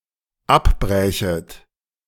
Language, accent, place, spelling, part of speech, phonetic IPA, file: German, Germany, Berlin, abbrächet, verb, [ˈapˌbʁɛːçət], De-abbrächet.ogg
- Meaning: second-person plural dependent subjunctive II of abbrechen